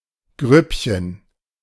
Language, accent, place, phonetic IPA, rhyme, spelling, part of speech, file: German, Germany, Berlin, [ˈɡʁʏpçən], -ʏpçən, Grüppchen, noun, De-Grüppchen.ogg
- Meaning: diminutive of Gruppe